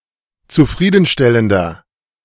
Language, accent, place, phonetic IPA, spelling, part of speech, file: German, Germany, Berlin, [t͡suˈfʁiːdn̩ˌʃtɛləndɐ], zufriedenstellender, adjective, De-zufriedenstellender.ogg
- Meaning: 1. comparative degree of zufriedenstellend 2. inflection of zufriedenstellend: strong/mixed nominative masculine singular 3. inflection of zufriedenstellend: strong genitive/dative feminine singular